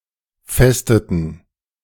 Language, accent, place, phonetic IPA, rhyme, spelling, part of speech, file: German, Germany, Berlin, [ˈfɛstətn̩], -ɛstətn̩, festeten, verb, De-festeten.ogg
- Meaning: inflection of festen: 1. first/third-person plural preterite 2. first/third-person plural subjunctive II